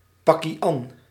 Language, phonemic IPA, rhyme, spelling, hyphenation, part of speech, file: Dutch, /ˌpɑ.kiˈɑn/, -ɑn, pakkie-an, pak‧kie-an, noun, Nl-pakkie-an.ogg
- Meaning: 1. task, concern, chore, business (that which someone is tasked to do, that which is of concern to someone) 2. forte, one's strength (something in which one excels)